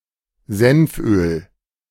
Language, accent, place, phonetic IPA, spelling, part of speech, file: German, Germany, Berlin, [ˈzɛnfˌʔøːl], Senföl, noun, De-Senföl.ogg
- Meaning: mustard oil